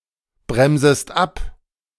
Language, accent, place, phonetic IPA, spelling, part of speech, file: German, Germany, Berlin, [ˌbʁɛmzəst ˈap], bremsest ab, verb, De-bremsest ab.ogg
- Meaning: second-person singular subjunctive I of abbremsen